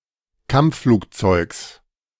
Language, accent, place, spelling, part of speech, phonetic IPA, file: German, Germany, Berlin, Kampfflugzeugs, noun, [ˈkamp͡ffluːkˌt͡sɔɪ̯ks], De-Kampfflugzeugs.ogg
- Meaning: genitive singular of Kampfflugzeug